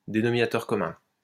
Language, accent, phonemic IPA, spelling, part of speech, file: French, France, /de.nɔ.mi.na.tœʁ kɔ.mœ̃/, dénominateur commun, noun, LL-Q150 (fra)-dénominateur commun.wav
- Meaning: 1. common denominator (any integer that is a common multiple of the denominators of two or more fractions) 2. common denominator (trait or attribute that is shared by all members of some category)